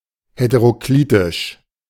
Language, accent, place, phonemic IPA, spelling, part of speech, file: German, Germany, Berlin, /hetəʁoˈkliːtɪʃ/, heteroklitisch, adjective, De-heteroklitisch.ogg
- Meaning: heteroclitic